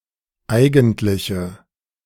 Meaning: inflection of eigentlich: 1. strong/mixed nominative/accusative feminine singular 2. strong nominative/accusative plural 3. weak nominative all-gender singular
- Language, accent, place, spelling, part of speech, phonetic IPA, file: German, Germany, Berlin, eigentliche, adjective, [ˈaɪ̯ɡn̩tlɪçə], De-eigentliche.ogg